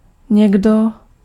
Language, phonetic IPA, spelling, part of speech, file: Czech, [ˈɲɛɡdo], někdo, pronoun, Cs-někdo.ogg
- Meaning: someone, somebody